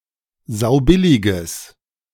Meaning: strong/mixed nominative/accusative neuter singular of saubillig
- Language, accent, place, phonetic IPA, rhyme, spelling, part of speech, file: German, Germany, Berlin, [ˈzaʊ̯ˈbɪlɪɡəs], -ɪlɪɡəs, saubilliges, adjective, De-saubilliges.ogg